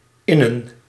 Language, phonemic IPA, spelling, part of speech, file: Dutch, /ˈɪnə(n)/, innen, verb, Nl-innen.ogg
- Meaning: 1. to cash (exchange (a check/cheque) for money) 2. to collect (e.g., taxes)